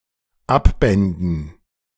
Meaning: first/third-person plural dependent subjunctive II of abbinden
- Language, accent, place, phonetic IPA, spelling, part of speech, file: German, Germany, Berlin, [ˈapˌbɛndn̩], abbänden, verb, De-abbänden.ogg